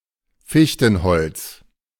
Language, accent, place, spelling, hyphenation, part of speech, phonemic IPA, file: German, Germany, Berlin, Fichtenholz, Fich‧ten‧holz, noun, /ˈfiçtn̩ˌhɔlt͡s/, De-Fichtenholz.ogg
- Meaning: spruce (The wood and timber of the spruce.)